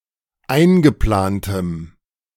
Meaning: strong dative masculine/neuter singular of eingeplant
- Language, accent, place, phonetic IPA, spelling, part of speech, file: German, Germany, Berlin, [ˈaɪ̯nɡəˌplaːntəm], eingeplantem, adjective, De-eingeplantem.ogg